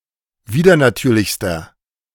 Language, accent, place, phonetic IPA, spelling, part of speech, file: German, Germany, Berlin, [ˈviːdɐnaˌtyːɐ̯lɪçstɐ], widernatürlichster, adjective, De-widernatürlichster.ogg
- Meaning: inflection of widernatürlich: 1. strong/mixed nominative masculine singular superlative degree 2. strong genitive/dative feminine singular superlative degree